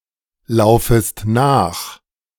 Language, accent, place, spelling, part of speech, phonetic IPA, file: German, Germany, Berlin, laufest nach, verb, [ˌlaʊ̯fəst ˈnaːx], De-laufest nach.ogg
- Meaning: second-person singular subjunctive I of nachlaufen